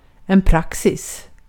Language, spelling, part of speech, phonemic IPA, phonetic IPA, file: Swedish, praxis, noun, /¹praksɪs/, [ˈpʰrakːsɪs], Sv-praxis.ogg
- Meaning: 1. practice, custom, the usual way to do things 2. case law, previous court decisions as a base for legal judgement